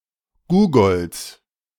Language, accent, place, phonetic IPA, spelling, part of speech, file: German, Germany, Berlin, [ˈɡuːɡɔls], Googols, noun, De-Googols.ogg
- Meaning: genitive singular of Googol